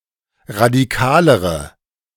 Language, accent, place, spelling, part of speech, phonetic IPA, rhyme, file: German, Germany, Berlin, radikalere, adjective, [ʁadiˈkaːləʁə], -aːləʁə, De-radikalere.ogg
- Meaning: inflection of radikal: 1. strong/mixed nominative/accusative feminine singular comparative degree 2. strong nominative/accusative plural comparative degree